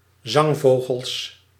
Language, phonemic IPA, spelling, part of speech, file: Dutch, /ˈzɑŋˌvoːɣəls/, zangvogels, noun, Nl-zangvogels.ogg
- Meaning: plural of zangvogel